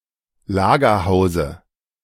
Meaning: dative singular of Lagerhaus
- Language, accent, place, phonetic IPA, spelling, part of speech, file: German, Germany, Berlin, [ˈlaːɡɐˌhaʊ̯zə], Lagerhause, noun, De-Lagerhause.ogg